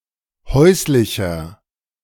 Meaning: 1. comparative degree of häuslich 2. inflection of häuslich: strong/mixed nominative masculine singular 3. inflection of häuslich: strong genitive/dative feminine singular
- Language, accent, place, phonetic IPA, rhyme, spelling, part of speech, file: German, Germany, Berlin, [ˈhɔɪ̯slɪçɐ], -ɔɪ̯slɪçɐ, häuslicher, adjective, De-häuslicher.ogg